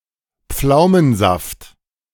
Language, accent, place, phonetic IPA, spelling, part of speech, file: German, Germany, Berlin, [ˈp͡flaʊ̯mənˌzaft], Pflaumensaft, noun, De-Pflaumensaft.ogg
- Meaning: plum juice